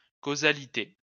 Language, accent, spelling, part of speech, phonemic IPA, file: French, France, causalité, noun, /ko.za.li.te/, LL-Q150 (fra)-causalité.wav
- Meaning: causality (agency of cause)